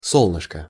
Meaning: 1. diminutive of со́лнце (sólnce): (small) sun 2. ray of sunshine, darling, sweetheart, baby (form of address) 3. solar plexus (diminutive of со́лнечное сплете́ние (sólnečnoje spleténije))
- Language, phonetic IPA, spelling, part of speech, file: Russian, [ˈsoɫnɨʂkə], солнышко, noun, Ru-солнышко.ogg